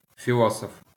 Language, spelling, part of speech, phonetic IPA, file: Ukrainian, філософ, noun, [fʲiˈɫɔsɔf], LL-Q8798 (ukr)-філософ.wav
- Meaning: philosopher